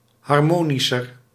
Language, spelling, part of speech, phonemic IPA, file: Dutch, harmonischer, adjective, /ɦɑr.ˈmoː.ni.sər/, Nl-harmonischer.ogg
- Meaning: comparative degree of harmonisch